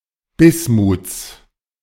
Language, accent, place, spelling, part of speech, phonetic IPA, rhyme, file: German, Germany, Berlin, Bismuts, noun, [ˈbɪsmuːt͡s], -ɪsmuːt͡s, De-Bismuts.ogg
- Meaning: genitive singular of Bismut